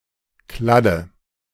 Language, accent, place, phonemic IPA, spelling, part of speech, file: German, Germany, Berlin, /ˈkladə/, Kladde, noun, De-Kladde.ogg
- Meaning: 1. notebook, writing pad 2. notebook used as a register during collective target practices (of ammunition spent as well as participants’ results)